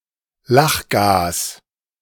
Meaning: laughing gas
- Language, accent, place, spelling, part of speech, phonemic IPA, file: German, Germany, Berlin, Lachgas, noun, /ˈlaxˌɡaːs/, De-Lachgas.ogg